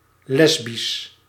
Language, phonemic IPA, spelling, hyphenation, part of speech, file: Dutch, /ˈlɛs.bis/, lesbisch, les‧bisch, adjective, Nl-lesbisch.ogg
- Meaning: 1. lesbian (female homosexual) 2. between two or more women; lesbian, homosexual, gay